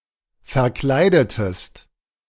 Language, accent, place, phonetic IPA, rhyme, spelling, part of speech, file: German, Germany, Berlin, [fɛɐ̯ˈklaɪ̯dətəst], -aɪ̯dətəst, verkleidetest, verb, De-verkleidetest.ogg
- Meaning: inflection of verkleiden: 1. second-person singular preterite 2. second-person singular subjunctive II